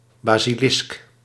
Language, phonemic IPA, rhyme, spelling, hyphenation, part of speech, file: Dutch, /ˌbaː.siˈlɪsk/, -ɪsk, basilisk, ba‧si‧lisk, noun, Nl-basilisk.ogg
- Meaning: 1. a basilisk (mythological or heraldic monster, part serpent, part rooster) 2. a basilisk, a tree-dwelling lizard of the genus Basiliscus